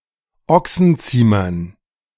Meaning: dative plural of Ochsenziemer
- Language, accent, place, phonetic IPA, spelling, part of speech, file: German, Germany, Berlin, [ˈɔksn̩ˌt͡siːmɐn], Ochsenziemern, noun, De-Ochsenziemern.ogg